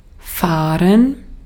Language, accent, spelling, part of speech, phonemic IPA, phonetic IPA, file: German, Austria, fahren, verb, /ˈfaːʁɛn/, [ˈfaːn], De-at-fahren.ogg
- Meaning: 1. to go at speed 2. to go; to run; to drive; to sail 3. to go; to run; to drive; to sail: to leave; to depart 4. to go; to run; to drive; to sail: to run; to operate